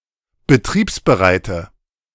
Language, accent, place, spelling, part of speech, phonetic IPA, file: German, Germany, Berlin, betriebsbereite, adjective, [bəˈtʁiːpsbəˌʁaɪ̯tə], De-betriebsbereite.ogg
- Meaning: inflection of betriebsbereit: 1. strong/mixed nominative/accusative feminine singular 2. strong nominative/accusative plural 3. weak nominative all-gender singular